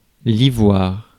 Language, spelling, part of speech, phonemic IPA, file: French, ivoire, noun, /i.vwaʁ/, Fr-ivoire.ogg
- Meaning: ivory